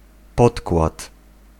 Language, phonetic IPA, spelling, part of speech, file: Polish, [ˈpɔtkwat], podkład, noun, Pl-podkład.ogg